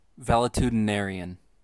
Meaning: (adjective) 1. Sickly, infirm, of ailing health; related to ill health 2. Being overly worried about one's health
- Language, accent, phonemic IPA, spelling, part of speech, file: English, US, /ˌvæ.ləˌtu.dəˈnɛ.ɹi.ən/, valetudinarian, adjective / noun, En-us-valetudinarian.ogg